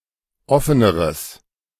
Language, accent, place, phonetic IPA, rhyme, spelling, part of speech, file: German, Germany, Berlin, [ˈɔfənəʁəs], -ɔfənəʁəs, offeneres, adjective, De-offeneres.ogg
- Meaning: strong/mixed nominative/accusative neuter singular comparative degree of offen